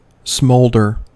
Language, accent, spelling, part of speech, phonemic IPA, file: English, US, smolder, verb / noun, /ˈsmoʊldɚ/, En-us-smolder.ogg
- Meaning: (verb) 1. To burn slowly, giving off smoke but with little to no flame 2. To show signs of repressed anger or suppressed mental turmoil or other strong emotion, such as passion